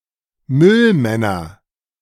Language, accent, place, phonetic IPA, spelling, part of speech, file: German, Germany, Berlin, [ˈmʏlˌmɛnɐ], Müllmänner, noun, De-Müllmänner.ogg
- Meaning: nominative/accusative/genitive plural of Müllmann